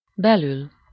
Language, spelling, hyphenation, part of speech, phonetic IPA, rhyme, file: Hungarian, belül, be‧lül, adverb / postposition, [ˈbɛlyl], -yl, Hu-belül.ogg
- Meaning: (adverb) inside; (postposition) 1. within, inside (preceded by -n/-on/-en/-ön) 2. within (preceded by -n/-on/-en/-ön)